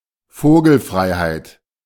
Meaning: outlawry
- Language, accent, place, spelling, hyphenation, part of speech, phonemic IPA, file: German, Germany, Berlin, Vogelfreiheit, Vo‧gel‧frei‧heit, noun, /ˈfoːɡl̩fʁaɪ̯haɪ̯t/, De-Vogelfreiheit.ogg